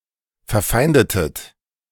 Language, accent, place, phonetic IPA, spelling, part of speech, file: German, Germany, Berlin, [fɛɐ̯ˈfaɪ̯ndətət], verfeindetet, verb, De-verfeindetet.ogg
- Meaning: inflection of verfeinden: 1. second-person plural preterite 2. second-person plural subjunctive II